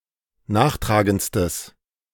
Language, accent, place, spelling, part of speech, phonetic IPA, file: German, Germany, Berlin, nachtragendstes, adjective, [ˈnaːxˌtʁaːɡənt͡stəs], De-nachtragendstes.ogg
- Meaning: strong/mixed nominative/accusative neuter singular superlative degree of nachtragend